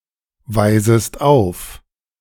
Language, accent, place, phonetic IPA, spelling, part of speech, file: German, Germany, Berlin, [ˌvaɪ̯zəst ˈaʊ̯f], weisest auf, verb, De-weisest auf.ogg
- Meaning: second-person singular subjunctive I of aufweisen